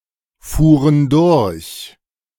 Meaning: first/third-person plural preterite of durchfahren
- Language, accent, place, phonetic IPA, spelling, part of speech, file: German, Germany, Berlin, [ˌfuːʁən ˈdʊʁç], fuhren durch, verb, De-fuhren durch.ogg